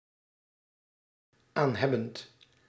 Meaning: present participle of aanhebben
- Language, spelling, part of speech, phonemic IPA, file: Dutch, aanhebbend, verb, /ˈanhɛbənt/, Nl-aanhebbend.ogg